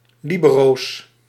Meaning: plural of libero
- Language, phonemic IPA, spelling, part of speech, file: Dutch, /ˈlibəros/, libero's, noun, Nl-libero's.ogg